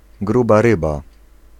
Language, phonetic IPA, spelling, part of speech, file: Polish, [ˈɡruba ˈrɨba], gruba ryba, noun, Pl-gruba ryba.ogg